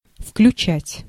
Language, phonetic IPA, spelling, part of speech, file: Russian, [fklʲʉˈt͡ɕætʲ], включать, verb, Ru-включать.ogg
- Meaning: 1. to switch on, to power up, to enable (to put a mechanism, device or system into operation) 2. to include (to bring into as a part or member)